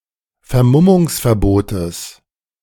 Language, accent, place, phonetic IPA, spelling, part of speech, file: German, Germany, Berlin, [fɛɐ̯ˈmʊmʊŋsfɛɐ̯ˌboːtəs], Vermummungsverbotes, noun, De-Vermummungsverbotes.ogg
- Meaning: genitive singular of Vermummungsverbot